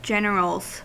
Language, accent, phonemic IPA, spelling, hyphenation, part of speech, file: English, US, /ˈd͡ʒɛn(ə)ɹəlz/, generals, gen‧er‧als, noun / verb, En-us-generals.ogg
- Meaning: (noun) plural of general; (verb) third-person singular simple present indicative of general